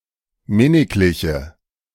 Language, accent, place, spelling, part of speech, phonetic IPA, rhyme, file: German, Germany, Berlin, minnigliche, adjective, [ˈmɪnɪklɪçə], -ɪnɪklɪçə, De-minnigliche.ogg
- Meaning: inflection of minniglich: 1. strong/mixed nominative/accusative feminine singular 2. strong nominative/accusative plural 3. weak nominative all-gender singular